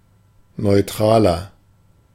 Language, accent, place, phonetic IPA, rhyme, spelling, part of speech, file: German, Germany, Berlin, [nɔɪ̯ˈtʁaːlɐ], -aːlɐ, neutraler, adjective, De-neutraler.ogg
- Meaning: 1. comparative degree of neutral 2. inflection of neutral: strong/mixed nominative masculine singular 3. inflection of neutral: strong genitive/dative feminine singular